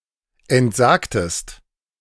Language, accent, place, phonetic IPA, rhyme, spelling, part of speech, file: German, Germany, Berlin, [ɛntˈzaːktəst], -aːktəst, entsagtest, verb, De-entsagtest.ogg
- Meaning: inflection of entsagen: 1. second-person singular preterite 2. second-person singular subjunctive II